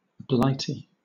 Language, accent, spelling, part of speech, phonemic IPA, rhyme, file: English, Southern England, Blighty, proper noun / noun, /ˈblaɪti/, -aɪti, LL-Q1860 (eng)-Blighty.wav
- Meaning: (proper noun) 1. Great Britain, Britain, or England, especially as viewed from abroad 2. A locality in the Edward River council area, southern New South Wales, Australia; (noun) Synonym of Blighty one